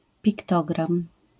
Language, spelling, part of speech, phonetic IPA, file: Polish, piktogram, noun, [pʲikˈtɔɡrãm], LL-Q809 (pol)-piktogram.wav